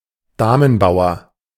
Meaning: queen's pawn
- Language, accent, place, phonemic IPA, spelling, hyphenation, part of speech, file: German, Germany, Berlin, /ˈdaːmənˌbaʊ̯ɐ/, Damenbauer, Da‧men‧bau‧er, noun, De-Damenbauer.ogg